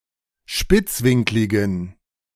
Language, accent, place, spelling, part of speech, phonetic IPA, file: German, Germany, Berlin, spitzwinkligen, adjective, [ˈʃpɪt͡sˌvɪŋklɪɡn̩], De-spitzwinkligen.ogg
- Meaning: inflection of spitzwinklig: 1. strong genitive masculine/neuter singular 2. weak/mixed genitive/dative all-gender singular 3. strong/weak/mixed accusative masculine singular 4. strong dative plural